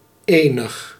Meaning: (determiner) 1. some 2. any; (adjective) 1. only, single 2. cute, nice, adorable
- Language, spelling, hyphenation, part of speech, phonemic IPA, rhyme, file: Dutch, enig, enig, determiner / adjective, /ˈeːnəx/, -eːnəx, Nl-enig.ogg